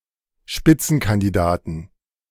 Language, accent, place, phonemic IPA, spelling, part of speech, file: German, Germany, Berlin, /ˈʃpɪtsn̩kandiˌdaːtn̩/, Spitzenkandidaten, noun, De-Spitzenkandidaten.ogg
- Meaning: 1. genitive singular of Spitzenkandidat 2. dative singular of Spitzenkandidat 3. accusative singular of Spitzenkandidat 4. plural of Spitzenkandidat